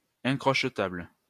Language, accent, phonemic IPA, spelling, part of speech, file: French, France, /ɛ̃.kʁɔʃ.tabl/, incrochetable, adjective, LL-Q150 (fra)-incrochetable.wav
- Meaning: unpickable (lock etc)